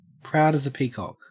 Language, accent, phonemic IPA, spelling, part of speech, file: English, Australia, /pɹaʊd əz ə ˈpiːkɒk/, proud as a peacock, adjective, En-au-proud as a peacock.ogg
- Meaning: Extremely proud